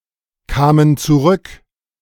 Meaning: first/third-person plural preterite of zurückkommen
- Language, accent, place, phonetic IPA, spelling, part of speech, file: German, Germany, Berlin, [ˌkaːmən t͡suˈʁʏk], kamen zurück, verb, De-kamen zurück.ogg